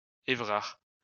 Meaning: a male given name, equivalent to English Everett or Everard or German Eberhard
- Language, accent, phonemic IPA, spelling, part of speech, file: French, France, /e.vʁaʁ/, Évrard, proper noun, LL-Q150 (fra)-Évrard.wav